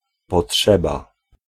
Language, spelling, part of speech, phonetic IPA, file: Polish, potrzeba, noun / verb / particle, [pɔˈṭʃɛba], Pl-potrzeba.ogg